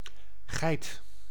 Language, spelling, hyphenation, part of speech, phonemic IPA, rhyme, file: Dutch, geit, geit, noun, /ɣɛi̯t/, -ɛi̯t, Nl-geit.ogg
- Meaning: 1. goat, any member of the genus Capra 2. goat (Capra aegagrus) or the domesticated goat (Capra aegagrus hircus) 3. any female of the genus Capra or of the above (sub)species